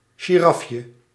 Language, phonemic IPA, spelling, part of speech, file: Dutch, /ʒiˈrɑfjə/, girafje, noun, Nl-girafje.ogg
- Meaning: 1. diminutive of giraf 2. diminutive of giraffe